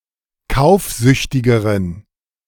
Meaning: inflection of kaufsüchtig: 1. strong genitive masculine/neuter singular comparative degree 2. weak/mixed genitive/dative all-gender singular comparative degree
- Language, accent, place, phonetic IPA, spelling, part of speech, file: German, Germany, Berlin, [ˈkaʊ̯fˌzʏçtɪɡəʁən], kaufsüchtigeren, adjective, De-kaufsüchtigeren.ogg